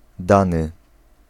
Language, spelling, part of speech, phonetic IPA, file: Polish, dany, verb / adjective / noun, [ˈdãnɨ], Pl-dany.ogg